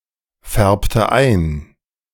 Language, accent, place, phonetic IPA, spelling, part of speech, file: German, Germany, Berlin, [ˌfɛʁptə ˈaɪ̯n], färbte ein, verb, De-färbte ein.ogg
- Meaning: inflection of einfärben: 1. first/third-person singular preterite 2. first/third-person singular subjunctive II